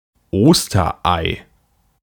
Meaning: Easter egg
- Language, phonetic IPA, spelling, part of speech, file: German, [ˈoːstɐˌʔaɪ̯], Osterei, noun, De-Osterei.ogg